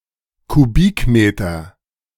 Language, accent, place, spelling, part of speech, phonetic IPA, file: German, Germany, Berlin, Kubikmeter, noun, [kuˈbiːkˌmeːtɐ], De-Kubikmeter.ogg
- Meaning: cubic meter